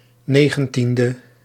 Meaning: abbreviation of negentiende
- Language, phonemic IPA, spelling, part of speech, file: Dutch, /ˈneɣə(n)ˌtində/, 19de, adjective, Nl-19de.ogg